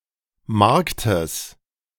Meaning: genitive singular of Markt
- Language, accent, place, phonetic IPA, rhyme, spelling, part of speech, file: German, Germany, Berlin, [ˈmaʁktəs], -aʁktəs, Marktes, noun, De-Marktes.ogg